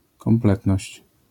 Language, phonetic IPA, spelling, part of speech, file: Polish, [kɔ̃mˈplɛtnɔɕt͡ɕ], kompletność, noun, LL-Q809 (pol)-kompletność.wav